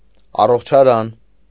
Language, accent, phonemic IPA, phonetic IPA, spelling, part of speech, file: Armenian, Eastern Armenian, /ɑroχt͡ʃʰɑˈɾɑn/, [ɑroχt͡ʃʰɑɾɑ́n], առողջարան, noun, Hy-առողջարան.ogg
- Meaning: health resort; sanatorium, sanitarium